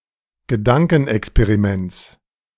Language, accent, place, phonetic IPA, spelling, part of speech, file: German, Germany, Berlin, [ɡəˈdaŋkn̩ʔɛkspeʁiˌmɛnt͡s], Gedankenexperiments, noun, De-Gedankenexperiments.ogg
- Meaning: genitive singular of Gedankenexperiment